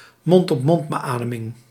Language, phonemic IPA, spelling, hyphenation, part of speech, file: Dutch, /mɔnt.ɔpˈmɔnt.bəˌaː.də.mɪŋ/, mond-op-mondbeademing, mond-‧op-‧mond‧be‧a‧de‧ming, noun, Nl-mond-op-mondbeademing.ogg
- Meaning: mouth-to-mouth resuscitation, mouth-to-mouth ventilation